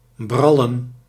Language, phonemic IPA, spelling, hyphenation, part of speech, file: Dutch, /ˈbrɑ.lə(n)/, brallen, bral‧len, verb, Nl-brallen.ogg
- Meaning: 1. to boast, to brag 2. to be resplendent, to shine